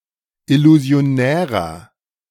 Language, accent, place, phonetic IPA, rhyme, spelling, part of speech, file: German, Germany, Berlin, [ɪluzi̯oˈnɛːʁɐ], -ɛːʁɐ, illusionärer, adjective, De-illusionärer.ogg
- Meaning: 1. comparative degree of illusionär 2. inflection of illusionär: strong/mixed nominative masculine singular 3. inflection of illusionär: strong genitive/dative feminine singular